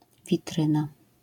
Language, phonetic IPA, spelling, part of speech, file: Polish, [vʲiˈtrɨ̃na], witryna, noun, LL-Q809 (pol)-witryna.wav